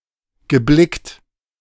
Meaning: past participle of blicken
- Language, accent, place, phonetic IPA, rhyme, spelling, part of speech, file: German, Germany, Berlin, [ɡəˈblɪkt], -ɪkt, geblickt, verb, De-geblickt.ogg